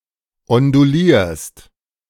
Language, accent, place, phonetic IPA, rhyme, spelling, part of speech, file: German, Germany, Berlin, [ɔnduˈliːɐ̯st], -iːɐ̯st, ondulierst, verb, De-ondulierst.ogg
- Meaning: second-person singular present of ondulieren